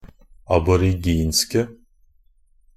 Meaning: 1. definite singular of aboriginsk 2. plural of aboriginsk
- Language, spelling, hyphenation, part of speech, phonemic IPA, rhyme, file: Norwegian Bokmål, aboriginske, ab‧or‧ig‧insk‧e, adjective, /abɔrɪˈɡiːnskə/, -iːnskə, NB - Pronunciation of Norwegian Bokmål «aboriginske».ogg